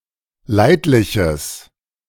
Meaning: strong/mixed nominative/accusative neuter singular of leidlich
- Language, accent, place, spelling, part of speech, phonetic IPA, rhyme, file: German, Germany, Berlin, leidliches, adjective, [ˈlaɪ̯tlɪçəs], -aɪ̯tlɪçəs, De-leidliches.ogg